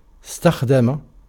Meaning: 1. to use 2. to have oneself served 3. to take into service, to employ, to hire 4. to ask for a servant
- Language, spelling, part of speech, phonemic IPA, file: Arabic, استخدم, verb, /is.tax.da.ma/, Ar-استخدم.ogg